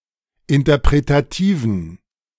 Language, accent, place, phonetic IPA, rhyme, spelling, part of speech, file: German, Germany, Berlin, [ɪntɐpʁetaˈtiːvn̩], -iːvn̩, interpretativen, adjective, De-interpretativen.ogg
- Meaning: inflection of interpretativ: 1. strong genitive masculine/neuter singular 2. weak/mixed genitive/dative all-gender singular 3. strong/weak/mixed accusative masculine singular 4. strong dative plural